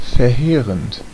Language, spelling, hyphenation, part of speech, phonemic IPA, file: German, verheerend, ver‧hee‧rend, verb / adjective, /fɛɐ̯ˈheːʁənt/, De-verheerend.ogg
- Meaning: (verb) present participle of verheeren; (adjective) devastating (causing a lot of damage)